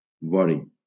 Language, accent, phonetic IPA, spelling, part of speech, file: Catalan, Valencia, [ˈvɔ.ɾi], vori, noun, LL-Q7026 (cat)-vori.wav
- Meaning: ivory